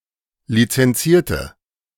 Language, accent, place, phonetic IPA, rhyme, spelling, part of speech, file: German, Germany, Berlin, [lit͡sɛnˈt͡siːɐ̯tə], -iːɐ̯tə, lizenzierte, adjective, De-lizenzierte.ogg
- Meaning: inflection of lizenzieren: 1. first/third-person singular preterite 2. first/third-person singular subjunctive II